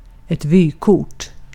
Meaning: postcard, in particular with an image on the front side
- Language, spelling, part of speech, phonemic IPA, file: Swedish, vykort, noun, /ˈvyːˌkʊrt/, Sv-vykort.ogg